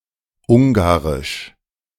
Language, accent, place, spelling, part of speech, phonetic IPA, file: German, Germany, Berlin, ungarisch, adjective, [ˈʊŋɡaʁɪʃ], De-ungarisch.ogg
- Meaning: Hungarian (related to Hungary, its language or its people)